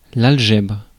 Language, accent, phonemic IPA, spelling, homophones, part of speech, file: French, France, /al.ʒɛbʁ/, algèbre, algèbres, noun, Fr-algèbre.ogg
- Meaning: algebra